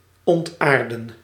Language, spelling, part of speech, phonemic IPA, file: Dutch, ontaarden, verb, /ˌɔntˈaːr.də(n)/, Nl-ontaarden.ogg
- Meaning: 1. to degenerate 2. to corrupt